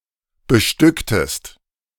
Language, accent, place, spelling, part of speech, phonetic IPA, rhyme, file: German, Germany, Berlin, bestücktest, verb, [bəˈʃtʏktəst], -ʏktəst, De-bestücktest.ogg
- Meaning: inflection of bestücken: 1. second-person singular preterite 2. second-person singular subjunctive II